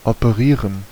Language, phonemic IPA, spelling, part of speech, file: German, /opəˈʁiːʁən/, operieren, verb, De-operieren.ogg
- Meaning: to operate (perform operation)